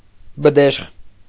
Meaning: 1. bdeshkh, bidaxsh 2. local official or notable (in modern Armenia) who gained wealth, property, position, etc., through corruption and patronage
- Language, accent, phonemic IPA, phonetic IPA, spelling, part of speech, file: Armenian, Eastern Armenian, /bəˈdeʃχ/, [bədéʃχ], բդեշխ, noun, Hy-բդեշխ.ogg